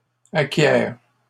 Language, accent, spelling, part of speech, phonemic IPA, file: French, Canada, acquiert, verb, /a.kjɛʁ/, LL-Q150 (fra)-acquiert.wav
- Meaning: third-person singular present indicative of acquérir